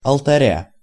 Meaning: genitive singular of алта́рь (altárʹ)
- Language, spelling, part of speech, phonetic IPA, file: Russian, алтаря, noun, [ɐɫtɐˈrʲa], Ru-алтаря.ogg